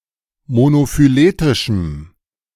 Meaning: strong dative masculine/neuter singular of monophyletisch
- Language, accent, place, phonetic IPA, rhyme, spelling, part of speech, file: German, Germany, Berlin, [monofyˈleːtɪʃm̩], -eːtɪʃm̩, monophyletischem, adjective, De-monophyletischem.ogg